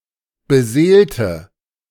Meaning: inflection of beseelen: 1. first/third-person singular preterite 2. first/third-person singular subjunctive II
- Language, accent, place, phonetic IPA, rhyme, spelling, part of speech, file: German, Germany, Berlin, [bəˈzeːltə], -eːltə, beseelte, adjective / verb, De-beseelte.ogg